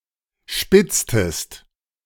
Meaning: inflection of spitzen: 1. second-person singular preterite 2. second-person singular subjunctive II
- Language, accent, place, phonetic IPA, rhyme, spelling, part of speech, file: German, Germany, Berlin, [ˈʃpɪt͡stəst], -ɪt͡stəst, spitztest, verb, De-spitztest.ogg